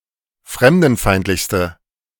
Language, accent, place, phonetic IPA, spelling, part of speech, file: German, Germany, Berlin, [ˈfʁɛmdn̩ˌfaɪ̯ntlɪçstə], fremdenfeindlichste, adjective, De-fremdenfeindlichste.ogg
- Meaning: inflection of fremdenfeindlich: 1. strong/mixed nominative/accusative feminine singular superlative degree 2. strong nominative/accusative plural superlative degree